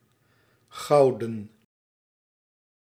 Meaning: 1. golden, made of gold 2. precious (as gold), of great (monetary or other) value
- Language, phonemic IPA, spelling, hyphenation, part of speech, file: Dutch, /ˈɣɑu̯.də(n)/, gouden, gou‧den, adjective, Nl-gouden.ogg